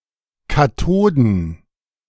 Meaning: plural of Kathode
- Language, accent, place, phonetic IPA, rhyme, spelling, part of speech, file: German, Germany, Berlin, [kaˈtoːdn̩], -oːdn̩, Kathoden, noun, De-Kathoden.ogg